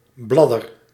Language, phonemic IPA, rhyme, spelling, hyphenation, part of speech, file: Dutch, /ˈblɑ.dər/, -ɑdər, bladder, blad‧der, noun, Nl-bladder.ogg
- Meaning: blister, particularly of paint